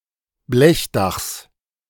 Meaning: genitive singular of Blechdach
- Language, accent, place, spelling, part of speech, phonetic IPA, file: German, Germany, Berlin, Blechdachs, noun, [ˈblɛçˌdaxs], De-Blechdachs.ogg